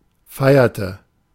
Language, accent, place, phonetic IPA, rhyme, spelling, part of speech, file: German, Germany, Berlin, [ˈfaɪ̯ɐtə], -aɪ̯ɐtə, feierte, verb, De-feierte.ogg
- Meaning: inflection of feiern: 1. first/third-person singular preterite 2. first/third-person singular subjunctive II